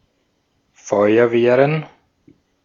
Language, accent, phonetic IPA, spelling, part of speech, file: German, Austria, [ˈfɔɪ̯ɐveːʁən], Feuerwehren, noun, De-at-Feuerwehren.ogg
- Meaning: plural of Feuerwehr